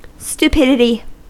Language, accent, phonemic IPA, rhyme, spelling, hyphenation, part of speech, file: English, US, /stuˈpɪdɪti/, -ɪdɪti, stupidity, stu‧pid‧i‧ty, noun, En-us-stupidity.ogg
- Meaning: 1. The property of being stupid 2. An act that is stupid